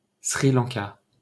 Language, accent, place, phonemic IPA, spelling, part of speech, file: French, France, Paris, /sʁi lɑ̃.ka/, Sri Lanka, proper noun, LL-Q150 (fra)-Sri Lanka.wav
- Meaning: Sri Lanka (an island and country in South Asia, off the coast of India)